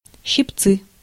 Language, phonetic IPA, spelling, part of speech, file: Russian, [ɕːɪpˈt͡sɨ], щипцы, noun, Ru-щипцы.ogg
- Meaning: 1. tongs, pliers, pincers, nippers 2. forceps, tweezers 3. nutcrackers